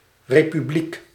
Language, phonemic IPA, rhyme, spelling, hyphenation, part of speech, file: Dutch, /ˌreːpyˈblik/, -ik, republiek, re‧pu‧bliek, noun / proper noun, Nl-republiek.ogg
- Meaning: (noun) republic (type of state)